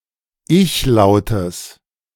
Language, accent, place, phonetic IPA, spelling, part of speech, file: German, Germany, Berlin, [ˈɪçˌlaʊ̯təs], Ichlautes, noun, De-Ichlautes.ogg
- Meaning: genitive singular of Ichlaut